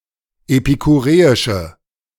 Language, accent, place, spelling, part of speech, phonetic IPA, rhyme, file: German, Germany, Berlin, epikureische, adjective, [epikuˈʁeːɪʃə], -eːɪʃə, De-epikureische.ogg
- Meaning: inflection of epikureisch: 1. strong/mixed nominative/accusative feminine singular 2. strong nominative/accusative plural 3. weak nominative all-gender singular